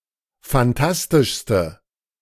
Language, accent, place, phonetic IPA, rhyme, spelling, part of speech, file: German, Germany, Berlin, [fanˈtastɪʃstə], -astɪʃstə, fantastischste, adjective, De-fantastischste.ogg
- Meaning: inflection of fantastisch: 1. strong/mixed nominative/accusative feminine singular superlative degree 2. strong nominative/accusative plural superlative degree